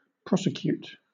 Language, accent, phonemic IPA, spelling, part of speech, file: English, Southern England, /ˈpɹɒsɪkjuːt/, prosecute, verb, LL-Q1860 (eng)-prosecute.wav
- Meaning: 1. To start criminal proceedings against 2. To charge, try 3. To seek to obtain by legal process 4. To pursue something to the end